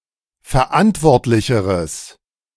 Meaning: strong/mixed nominative/accusative neuter singular comparative degree of verantwortlich
- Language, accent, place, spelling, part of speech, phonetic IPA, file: German, Germany, Berlin, verantwortlicheres, adjective, [fɛɐ̯ˈʔantvɔʁtlɪçəʁəs], De-verantwortlicheres.ogg